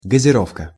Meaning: 1. aerification, aerating, aeration, carbonation 2. sparkling water, soda water, carbonated water
- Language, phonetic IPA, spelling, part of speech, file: Russian, [ɡəzʲɪˈrofkə], газировка, noun, Ru-газировка.ogg